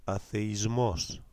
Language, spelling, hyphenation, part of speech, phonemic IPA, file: Greek, αθεϊσμός, α‧θε‧ϊ‧σμός, noun, /aθeiˈzmos/, Ell-Atheismos.ogg
- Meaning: atheism